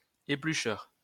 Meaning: 1. peeler (person who peels food) 2. someone who analyses carefully 3. peeler (utensil)
- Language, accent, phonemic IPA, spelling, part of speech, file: French, France, /e.ply.ʃœʁ/, éplucheur, noun, LL-Q150 (fra)-éplucheur.wav